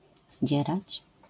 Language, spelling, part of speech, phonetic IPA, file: Polish, zdzierać, verb, [ˈʑd͡ʑɛrat͡ɕ], LL-Q809 (pol)-zdzierać.wav